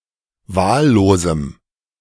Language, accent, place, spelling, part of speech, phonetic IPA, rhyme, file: German, Germany, Berlin, wahllosem, adjective, [ˈvaːlloːzm̩], -aːlloːzm̩, De-wahllosem.ogg
- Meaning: strong dative masculine/neuter singular of wahllos